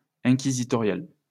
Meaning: inquisitorial (all senses)
- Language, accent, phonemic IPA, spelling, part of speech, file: French, France, /ɛ̃.ki.zi.tɔ.ʁjal/, inquisitorial, adjective, LL-Q150 (fra)-inquisitorial.wav